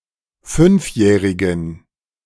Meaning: inflection of fünfjährig: 1. strong genitive masculine/neuter singular 2. weak/mixed genitive/dative all-gender singular 3. strong/weak/mixed accusative masculine singular 4. strong dative plural
- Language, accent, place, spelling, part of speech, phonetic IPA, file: German, Germany, Berlin, fünfjährigen, adjective, [ˈfʏnfˌjɛːʁɪɡn̩], De-fünfjährigen.ogg